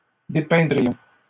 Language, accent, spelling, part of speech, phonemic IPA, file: French, Canada, dépeindrions, verb, /de.pɛ̃.dʁi.jɔ̃/, LL-Q150 (fra)-dépeindrions.wav
- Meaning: first-person plural conditional of dépeindre